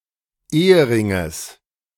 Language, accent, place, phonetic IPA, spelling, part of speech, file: German, Germany, Berlin, [ˈeːəˌʁɪŋəs], Eheringes, noun, De-Eheringes.ogg
- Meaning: genitive singular of Ehering